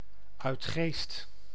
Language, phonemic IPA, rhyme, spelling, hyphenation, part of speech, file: Dutch, /œy̯tˈxeːst/, -eːst, Uitgeest, Uit‧geest, proper noun, Nl-Uitgeest.ogg
- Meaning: a village and municipality of North Holland, Netherlands